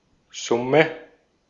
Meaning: sum (maths)
- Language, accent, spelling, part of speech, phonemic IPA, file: German, Austria, Summe, noun, /ˈzʊmə/, De-at-Summe.ogg